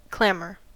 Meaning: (noun) 1. A great outcry or vociferation; loud and continued shouting or exclamation 2. Any loud and continued noise
- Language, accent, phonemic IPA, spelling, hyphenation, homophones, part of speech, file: English, US, /ˈklæm.ɚ/, clamor, clam‧or, clammer, noun / verb, En-us-clamor.ogg